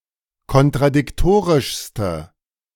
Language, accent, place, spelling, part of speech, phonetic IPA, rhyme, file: German, Germany, Berlin, kontradiktorischste, adjective, [kɔntʁadɪkˈtoːʁɪʃstə], -oːʁɪʃstə, De-kontradiktorischste.ogg
- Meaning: inflection of kontradiktorisch: 1. strong/mixed nominative/accusative feminine singular superlative degree 2. strong nominative/accusative plural superlative degree